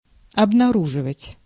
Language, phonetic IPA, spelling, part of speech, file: Russian, [ɐbnɐˈruʐɨvətʲ], обнаруживать, verb, Ru-обнаруживать.ogg
- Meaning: 1. to disclose, to show, to reveal, to display 2. to discover, to find out, to detect, to reveal, to spot